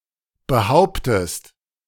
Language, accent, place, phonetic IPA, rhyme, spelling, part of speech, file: German, Germany, Berlin, [bəˈhaʊ̯ptəst], -aʊ̯ptəst, behauptest, verb, De-behauptest.ogg
- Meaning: inflection of behaupten: 1. second-person singular present 2. second-person singular subjunctive I